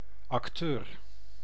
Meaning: actor (person who performs in a theatrical play or film)
- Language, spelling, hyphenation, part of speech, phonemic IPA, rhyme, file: Dutch, acteur, ac‧teur, noun, /ɑkˈtøːr/, -øːr, Nl-acteur.ogg